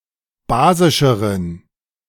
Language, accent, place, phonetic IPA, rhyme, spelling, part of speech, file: German, Germany, Berlin, [ˈbaːzɪʃəʁən], -aːzɪʃəʁən, basischeren, adjective, De-basischeren.ogg
- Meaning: inflection of basisch: 1. strong genitive masculine/neuter singular comparative degree 2. weak/mixed genitive/dative all-gender singular comparative degree